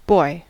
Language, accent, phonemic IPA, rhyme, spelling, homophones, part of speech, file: English, General American, /bɔɪ/, -ɔɪ, boy, boi / bye, noun / interjection / verb, En-us-boy.ogg
- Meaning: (noun) 1. A male child 2. A young man 3. A son of any age 4. A male human younger than the speaker 5. A male human of any age, as opposed to a "girl" (female human of any age)